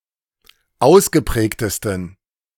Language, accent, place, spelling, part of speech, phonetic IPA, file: German, Germany, Berlin, ausgeprägtesten, adjective, [ˈaʊ̯sɡəˌpʁɛːktəstn̩], De-ausgeprägtesten.ogg
- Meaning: 1. superlative degree of ausgeprägt 2. inflection of ausgeprägt: strong genitive masculine/neuter singular superlative degree